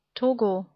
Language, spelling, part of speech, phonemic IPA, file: German, Togo, proper noun, /ˈtoːɡo/, De-Togo.ogg
- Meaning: Togo (a country in West Africa)